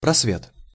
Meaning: 1. clear space, ray of light (in the clouds) 2. ray of hope 3. space 4. gap 5. bay, aperture, opening 6. transparency
- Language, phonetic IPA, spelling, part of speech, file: Russian, [prɐsˈvʲet], просвет, noun, Ru-просвет.ogg